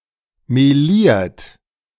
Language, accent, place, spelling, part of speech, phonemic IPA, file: German, Germany, Berlin, meliert, verb / adjective, /meˈliːɐ̯t/, De-meliert.ogg
- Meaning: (verb) past participle of melieren; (adjective) mottled